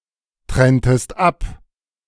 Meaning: inflection of abtrennen: 1. second-person singular preterite 2. second-person singular subjunctive II
- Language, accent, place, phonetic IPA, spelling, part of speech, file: German, Germany, Berlin, [ˌtʁɛntəst ˈap], trenntest ab, verb, De-trenntest ab.ogg